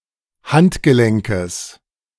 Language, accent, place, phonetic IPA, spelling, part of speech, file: German, Germany, Berlin, [ˈhantɡəˌlɛŋkəs], Handgelenkes, noun, De-Handgelenkes.ogg
- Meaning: genitive singular of Handgelenk